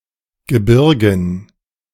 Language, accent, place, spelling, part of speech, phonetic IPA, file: German, Germany, Berlin, Gebirgen, noun, [ɡəˈbɪʁɡn̩], De-Gebirgen.ogg
- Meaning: dative plural of Gebirge